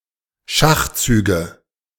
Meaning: nominative/accusative/genitive plural of Schachzug
- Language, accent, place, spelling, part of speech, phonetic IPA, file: German, Germany, Berlin, Schachzüge, noun, [ˈʃaxˌt͡syːɡə], De-Schachzüge.ogg